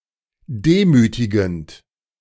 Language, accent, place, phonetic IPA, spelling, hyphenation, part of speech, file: German, Germany, Berlin, [ˈdeːˌmyːtɪɡn̩t], demütigend, de‧mü‧ti‧gend, verb / adjective, De-demütigend.ogg
- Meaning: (verb) present participle of demütigen; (adjective) humiliating